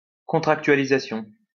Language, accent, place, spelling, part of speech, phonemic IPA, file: French, France, Lyon, contractualisation, noun, /kɔ̃.tʁak.tɥa.li.za.sjɔ̃/, LL-Q150 (fra)-contractualisation.wav
- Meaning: contractualization